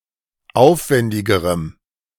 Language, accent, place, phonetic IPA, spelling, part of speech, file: German, Germany, Berlin, [ˈaʊ̯fˌvɛndɪɡəʁəm], aufwendigerem, adjective, De-aufwendigerem.ogg
- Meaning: strong dative masculine/neuter singular comparative degree of aufwendig